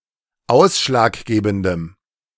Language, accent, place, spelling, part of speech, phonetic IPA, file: German, Germany, Berlin, ausschlaggebendem, adjective, [ˈaʊ̯sʃlaːkˌɡeːbn̩dəm], De-ausschlaggebendem.ogg
- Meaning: strong dative masculine/neuter singular of ausschlaggebend